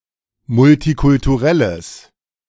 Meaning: strong/mixed nominative/accusative neuter singular of multikulturell
- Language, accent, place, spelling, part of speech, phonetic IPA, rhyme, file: German, Germany, Berlin, multikulturelles, adjective, [mʊltikʊltuˈʁɛləs], -ɛləs, De-multikulturelles.ogg